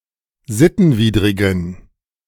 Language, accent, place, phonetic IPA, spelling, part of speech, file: German, Germany, Berlin, [ˈzɪtn̩ˌviːdʁɪɡn̩], sittenwidrigen, adjective, De-sittenwidrigen.ogg
- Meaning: inflection of sittenwidrig: 1. strong genitive masculine/neuter singular 2. weak/mixed genitive/dative all-gender singular 3. strong/weak/mixed accusative masculine singular 4. strong dative plural